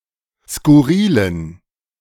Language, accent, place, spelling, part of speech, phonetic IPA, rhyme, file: German, Germany, Berlin, skurrilen, adjective, [skʊˈʁiːlən], -iːlən, De-skurrilen.ogg
- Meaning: inflection of skurril: 1. strong genitive masculine/neuter singular 2. weak/mixed genitive/dative all-gender singular 3. strong/weak/mixed accusative masculine singular 4. strong dative plural